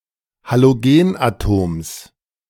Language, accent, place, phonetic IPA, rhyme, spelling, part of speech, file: German, Germany, Berlin, [haloˈɡeːnʔaˌtoːms], -eːnʔatoːms, Halogenatoms, noun, De-Halogenatoms.ogg
- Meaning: genitive singular of Halogenatom